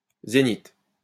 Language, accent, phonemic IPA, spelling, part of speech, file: French, France, /ze.nit/, zénith, noun, LL-Q150 (fra)-zénith.wav
- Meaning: zenith